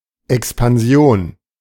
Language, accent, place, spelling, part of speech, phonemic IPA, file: German, Germany, Berlin, Expansion, noun, /ɛkspanˈzi̯oːn/, De-Expansion.ogg
- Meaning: 1. expansion 2. growth